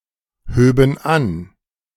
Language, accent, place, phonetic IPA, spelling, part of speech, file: German, Germany, Berlin, [ˌhøːbn̩ ˈan], höben an, verb, De-höben an.ogg
- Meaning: first/third-person plural subjunctive II of anheben